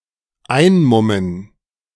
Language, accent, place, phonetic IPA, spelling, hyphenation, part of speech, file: German, Germany, Berlin, [ˈaɪ̯nˌmʊmən], einmummen, ein‧mum‧men, verb, De-einmummen.ogg
- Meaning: to muffle up